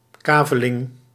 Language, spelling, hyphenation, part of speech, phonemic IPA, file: Dutch, kaveling, ka‧ve‧ling, noun, /ˈkaː.və.lɪŋ/, Nl-kaveling.ogg
- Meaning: 1. a plot, a lot, a tract of land, especially in contexts of allotment or sale after draining a piece of land 2. allotment by lottery 3. a lot in an auction sale